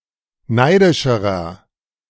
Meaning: inflection of neidisch: 1. strong/mixed nominative masculine singular comparative degree 2. strong genitive/dative feminine singular comparative degree 3. strong genitive plural comparative degree
- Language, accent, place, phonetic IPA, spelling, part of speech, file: German, Germany, Berlin, [ˈnaɪ̯dɪʃəʁɐ], neidischerer, adjective, De-neidischerer.ogg